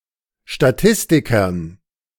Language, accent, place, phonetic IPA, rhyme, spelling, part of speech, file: German, Germany, Berlin, [ʃtaˈtɪstɪkɐn], -ɪstɪkɐn, Statistikern, noun, De-Statistikern.ogg
- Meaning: dative plural of Statistiker